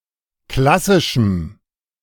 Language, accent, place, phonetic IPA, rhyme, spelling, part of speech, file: German, Germany, Berlin, [ˈklasɪʃm̩], -asɪʃm̩, klassischem, adjective, De-klassischem.ogg
- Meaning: strong dative masculine/neuter singular of klassisch